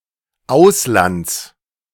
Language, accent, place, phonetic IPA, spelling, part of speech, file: German, Germany, Berlin, [ˈaʊ̯slant͡s], Auslands, noun, De-Auslands.ogg
- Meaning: genitive of Ausland